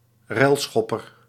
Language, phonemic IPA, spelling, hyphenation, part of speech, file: Dutch, /ˈrɛlˌsxɔ.pər/, relschopper, rel‧schop‧per, noun, Nl-relschopper.ogg
- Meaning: a rioter, a troublemaker